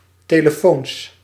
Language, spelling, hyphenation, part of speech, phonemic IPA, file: Dutch, telefoons, te‧le‧foons, noun, /teːləˈfoːns/, Nl-telefoons.ogg
- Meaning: plural of telefoon